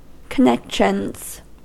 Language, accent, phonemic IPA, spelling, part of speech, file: English, US, /kəˈnɛkʃənz/, connections, noun, En-us-connections.ogg
- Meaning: 1. plural of connection 2. The people financially involved with a racehorse or racing greyhound